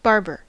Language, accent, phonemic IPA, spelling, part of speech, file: English, US, /ˈbɑɹ.bɚ/, barber, noun / verb, En-us-barber.ogg
- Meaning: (noun) 1. A person whose profession is cutting the hair and beards of usually male customers 2. A barber surgeon, a foot soldier specializing in treating battlefield injuries